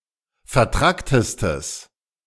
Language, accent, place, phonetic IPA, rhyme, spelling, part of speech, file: German, Germany, Berlin, [fɛɐ̯ˈtʁaktəstəs], -aktəstəs, vertracktestes, adjective, De-vertracktestes.ogg
- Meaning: strong/mixed nominative/accusative neuter singular superlative degree of vertrackt